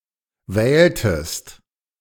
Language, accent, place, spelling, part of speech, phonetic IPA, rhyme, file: German, Germany, Berlin, wähltest, verb, [ˈvɛːltəst], -ɛːltəst, De-wähltest.ogg
- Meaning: inflection of wählen: 1. second-person singular preterite 2. second-person singular subjunctive II